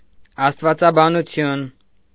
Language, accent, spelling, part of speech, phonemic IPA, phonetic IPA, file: Armenian, Eastern Armenian, աստվածաբանություն, noun, /ɑstvɑt͡sɑbɑnuˈtʰjun/, [ɑstvɑt͡sɑbɑnut͡sʰjún], Hy-աստվածաբանություն.ogg
- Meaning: theology